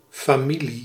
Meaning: 1. relatives (extended kin) 2. family (close kin) 3. family
- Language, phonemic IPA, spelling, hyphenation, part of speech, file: Dutch, /faːˈmi.li/, familie, fa‧mi‧lie, noun, Nl-familie.ogg